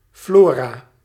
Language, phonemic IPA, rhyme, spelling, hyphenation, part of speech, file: Dutch, /ˈfloː.raː/, -oːraː, flora, flo‧ra, noun, Nl-flora.ogg
- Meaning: 1. flora (plant life, in particular the plant living or endemic in a certain area) 2. flora (plant book)